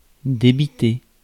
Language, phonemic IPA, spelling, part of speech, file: French, /de.bi.te/, débiter, verb, Fr-débiter.ogg
- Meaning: 1. to sell continuously 2. to turn out, produce (continuously) 3. to recite, deliver 4. to reel off, rattle off 5. (singing) to sing quickly and in a lively manner 6. to spread